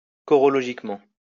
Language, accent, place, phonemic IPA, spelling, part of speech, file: French, France, Lyon, /kɔ.ʁɔ.lɔ.ʒik.mɑ̃/, chorologiquement, adverb, LL-Q150 (fra)-chorologiquement.wav
- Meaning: chorologically